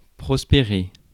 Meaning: to thrive, prosper
- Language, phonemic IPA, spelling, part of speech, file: French, /pʁɔs.pe.ʁe/, prospérer, verb, Fr-prospérer.ogg